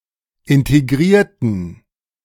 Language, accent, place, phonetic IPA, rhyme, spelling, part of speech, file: German, Germany, Berlin, [ˌɪnteˈɡʁiːɐ̯tn̩], -iːɐ̯tn̩, integrierten, adjective / verb, De-integrierten.ogg
- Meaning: inflection of integrieren: 1. first/third-person plural preterite 2. first/third-person plural subjunctive II